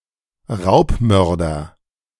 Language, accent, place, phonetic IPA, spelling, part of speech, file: German, Germany, Berlin, [ˈʁaʊ̯pˌmœʁdɐ], Raubmörder, noun, De-Raubmörder.ogg
- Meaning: a robber who murdered the robbed person